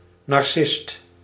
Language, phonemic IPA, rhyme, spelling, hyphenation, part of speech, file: Dutch, /nɑrˈsɪst/, -ɪst, narcist, nar‧cist, noun, Nl-narcist.ogg
- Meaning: narcissist